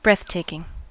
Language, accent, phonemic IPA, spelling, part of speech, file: English, US, /ˈbɹɛθˌteɪ.kɪŋ/, breathtaking, adjective, En-us-breathtaking.ogg
- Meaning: 1. stunningly beautiful; amazing 2. Very surprising or shocking; to such a degree as to cause astonishment